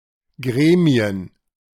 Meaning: plural of Gremium
- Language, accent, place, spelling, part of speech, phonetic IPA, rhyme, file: German, Germany, Berlin, Gremien, noun, [ˈɡʁeːmi̯ən], -eːmi̯ən, De-Gremien.ogg